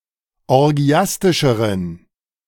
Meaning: inflection of orgiastisch: 1. strong genitive masculine/neuter singular comparative degree 2. weak/mixed genitive/dative all-gender singular comparative degree
- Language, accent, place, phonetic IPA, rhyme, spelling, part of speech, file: German, Germany, Berlin, [ɔʁˈɡi̯astɪʃəʁən], -astɪʃəʁən, orgiastischeren, adjective, De-orgiastischeren.ogg